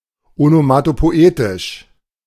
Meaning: onomatopoetic
- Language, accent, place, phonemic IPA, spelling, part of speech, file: German, Germany, Berlin, /onomatopoˈʔeːtɪʃ/, onomatopoetisch, adjective, De-onomatopoetisch.ogg